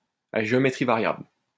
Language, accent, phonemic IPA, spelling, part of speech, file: French, France, /a ʒe.ɔ.me.tʁi va.ʁjabl/, à géométrie variable, adjective, LL-Q150 (fra)-à géométrie variable.wav
- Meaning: 1. variable-geometry 2. discriminatory, unequal, inegalitarian